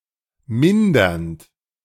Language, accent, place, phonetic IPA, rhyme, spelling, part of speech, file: German, Germany, Berlin, [ˈmɪndɐnt], -ɪndɐnt, mindernd, verb, De-mindernd.ogg
- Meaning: present participle of mindern